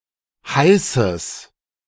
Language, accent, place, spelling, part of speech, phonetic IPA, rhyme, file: German, Germany, Berlin, heißes, adjective, [ˈhaɪ̯səs], -aɪ̯səs, De-heißes.ogg
- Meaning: strong/mixed nominative/accusative neuter singular of heiß